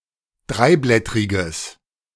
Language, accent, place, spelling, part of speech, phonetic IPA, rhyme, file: German, Germany, Berlin, dreiblättriges, adjective, [ˈdʁaɪ̯ˌblɛtʁɪɡəs], -aɪ̯blɛtʁɪɡəs, De-dreiblättriges.ogg
- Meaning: strong/mixed nominative/accusative neuter singular of dreiblättrig